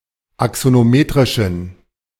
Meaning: inflection of axonometrisch: 1. strong genitive masculine/neuter singular 2. weak/mixed genitive/dative all-gender singular 3. strong/weak/mixed accusative masculine singular 4. strong dative plural
- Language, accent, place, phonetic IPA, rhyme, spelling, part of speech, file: German, Germany, Berlin, [aksonoˈmeːtʁɪʃn̩], -eːtʁɪʃn̩, axonometrischen, adjective, De-axonometrischen.ogg